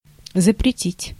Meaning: to forbid, to prohibit
- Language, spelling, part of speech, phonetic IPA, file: Russian, запретить, verb, [zəprʲɪˈtʲitʲ], Ru-запретить.ogg